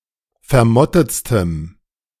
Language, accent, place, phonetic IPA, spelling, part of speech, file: German, Germany, Berlin, [fɛɐ̯ˈmɔtət͡stəm], vermottetstem, adjective, De-vermottetstem.ogg
- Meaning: strong dative masculine/neuter singular superlative degree of vermottet